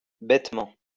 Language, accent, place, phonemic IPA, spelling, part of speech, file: French, France, Lyon, /bɛt.mɑ̃/, bêtement, adverb, LL-Q150 (fra)-bêtement.wav
- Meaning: stupidly, idiotically